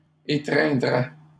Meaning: first/second-person singular conditional of étreindre
- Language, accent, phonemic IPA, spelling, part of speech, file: French, Canada, /e.tʁɛ̃.dʁɛ/, étreindrais, verb, LL-Q150 (fra)-étreindrais.wav